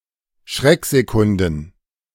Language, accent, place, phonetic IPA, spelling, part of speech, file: German, Germany, Berlin, [ˈʃʁɛkzeˌkʊndn̩], Schrecksekunden, noun, De-Schrecksekunden.ogg
- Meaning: plural of Schrecksekunde